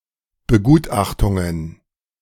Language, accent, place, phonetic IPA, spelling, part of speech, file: German, Germany, Berlin, [bəˈɡuːtˌʔaxtʊŋən], Begutachtungen, noun, De-Begutachtungen.ogg
- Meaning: plural of Begutachtung